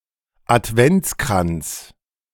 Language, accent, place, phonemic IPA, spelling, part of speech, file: German, Germany, Berlin, /ʔatˈvɛntsˌkʁants/, Adventskranz, noun, De-Adventskranz2.ogg
- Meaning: Advent wreath